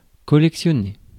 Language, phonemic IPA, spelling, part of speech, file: French, /kɔ.lɛk.sjɔ.ne/, collectionner, verb, Fr-collectionner.ogg
- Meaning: to collect (to accumulate items)